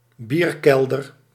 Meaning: 1. cellar where beer is stored 2. bierkeller (mostly in reference to Germany)
- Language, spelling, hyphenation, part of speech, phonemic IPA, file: Dutch, bierkelder, bier‧kel‧der, noun, /ˈbirˌkɛl.dər/, Nl-bierkelder.ogg